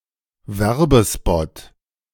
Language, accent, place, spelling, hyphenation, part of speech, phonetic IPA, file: German, Germany, Berlin, Werbespot, Wer‧be‧spot, noun, [ˈvɛʁbəˌspɔt], De-Werbespot.ogg
- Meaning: spot, ad, commercial